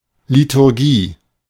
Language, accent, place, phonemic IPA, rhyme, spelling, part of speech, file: German, Germany, Berlin, /litʊʁˈɡiː/, -iː, Liturgie, noun, De-Liturgie.ogg
- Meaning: liturgy